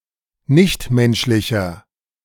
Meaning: inflection of nichtmenschlich: 1. strong/mixed nominative masculine singular 2. strong genitive/dative feminine singular 3. strong genitive plural
- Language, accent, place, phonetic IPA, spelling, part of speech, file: German, Germany, Berlin, [ˈnɪçtˌmɛnʃlɪçɐ], nichtmenschlicher, adjective, De-nichtmenschlicher.ogg